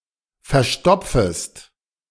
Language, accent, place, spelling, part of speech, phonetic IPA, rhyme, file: German, Germany, Berlin, verstopfest, verb, [fɛɐ̯ˈʃtɔp͡fəst], -ɔp͡fəst, De-verstopfest.ogg
- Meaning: second-person singular subjunctive I of verstopfen